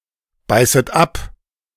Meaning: second-person plural subjunctive I of abbeißen
- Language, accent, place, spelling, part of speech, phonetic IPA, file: German, Germany, Berlin, beißet ab, verb, [ˌbaɪ̯sət ˈap], De-beißet ab.ogg